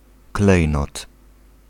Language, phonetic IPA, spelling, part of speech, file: Polish, [ˈklɛj.nɔt], klejnot, noun, Pl-klejnot.ogg